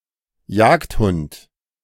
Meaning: hound, hunting dog
- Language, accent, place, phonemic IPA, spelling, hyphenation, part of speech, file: German, Germany, Berlin, /ˈjaːktˌhʊnt/, Jagdhund, Jagd‧hund, noun, De-Jagdhund.ogg